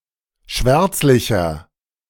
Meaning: 1. comparative degree of schwärzlich 2. inflection of schwärzlich: strong/mixed nominative masculine singular 3. inflection of schwärzlich: strong genitive/dative feminine singular
- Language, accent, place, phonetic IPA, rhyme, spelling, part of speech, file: German, Germany, Berlin, [ˈʃvɛʁt͡slɪçɐ], -ɛʁt͡slɪçɐ, schwärzlicher, adjective, De-schwärzlicher.ogg